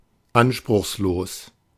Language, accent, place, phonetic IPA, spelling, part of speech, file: German, Germany, Berlin, [ˈanʃpʁʊxsˌloːs], anspruchslos, adjective, De-anspruchslos.ogg
- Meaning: modest, unassuming, unpretentious